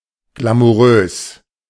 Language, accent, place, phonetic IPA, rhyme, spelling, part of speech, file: German, Germany, Berlin, [ɡlamuˈʁøːs], -øːs, glamourös, adjective, De-glamourös.ogg
- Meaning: glamorous